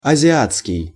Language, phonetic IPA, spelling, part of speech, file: Russian, [ɐzʲɪˈat͡skʲɪj], азиатский, adjective, Ru-азиатский.ogg
- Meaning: Asian (of, relating to or from Asia)